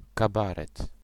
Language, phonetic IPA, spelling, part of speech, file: Polish, [kaˈbarɛt], kabaret, noun, Pl-kabaret.ogg